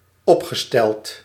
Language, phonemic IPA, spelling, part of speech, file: Dutch, /ˈɔpxəˌstɛlt/, opgesteld, verb / adjective, Nl-opgesteld.ogg
- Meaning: past participle of opstellen